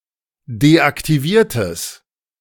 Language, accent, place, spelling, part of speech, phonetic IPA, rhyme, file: German, Germany, Berlin, deaktiviertes, adjective, [deʔaktiˈviːɐ̯təs], -iːɐ̯təs, De-deaktiviertes.ogg
- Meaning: strong/mixed nominative/accusative neuter singular of deaktiviert